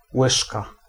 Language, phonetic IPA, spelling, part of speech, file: Polish, [ˈwɨʃka], łyżka, noun, Pl-łyżka.ogg